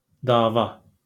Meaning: 1. suit, action 2. a (fist) fight, punch-up 3. brawl, row, altercation 4. conflict 5. war 6. medicine
- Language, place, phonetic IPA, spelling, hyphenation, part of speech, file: Azerbaijani, Baku, [dɑːˈvɑ], dava, da‧va, noun, LL-Q9292 (aze)-dava.wav